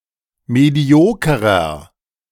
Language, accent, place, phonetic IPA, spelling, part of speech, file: German, Germany, Berlin, [ˌmeˈdi̯oːkəʁɐ], mediokerer, adjective, De-mediokerer.ogg
- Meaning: inflection of medioker: 1. strong/mixed nominative masculine singular 2. strong genitive/dative feminine singular 3. strong genitive plural